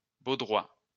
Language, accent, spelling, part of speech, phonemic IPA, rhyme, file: French, France, baudroie, noun, /bo.dʁwa/, -a, LL-Q150 (fra)-baudroie.wav
- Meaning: 1. anglerfish (of genus Histrio) 2. monkfish (of genus Lophius) 3. goosefish (of genus Lophiodes)